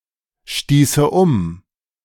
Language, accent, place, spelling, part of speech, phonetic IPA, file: German, Germany, Berlin, stieße um, verb, [ˌʃtiːsə ˈʊm], De-stieße um.ogg
- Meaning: first/third-person singular subjunctive II of umstoßen